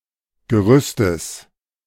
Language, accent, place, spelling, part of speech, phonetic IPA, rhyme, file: German, Germany, Berlin, Gerüstes, noun, [ɡəˈʁʏstəs], -ʏstəs, De-Gerüstes.ogg
- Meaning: genitive singular of Gerüst